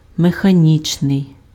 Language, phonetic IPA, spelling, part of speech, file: Ukrainian, [mexɐˈnʲit͡ʃnei̯], механічний, adjective, Uk-механічний.ogg
- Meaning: mechanical